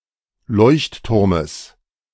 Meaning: genitive singular of Leuchtturm
- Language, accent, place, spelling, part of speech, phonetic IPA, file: German, Germany, Berlin, Leuchtturmes, noun, [ˈlɔɪ̯çtˌtʊʁməs], De-Leuchtturmes.ogg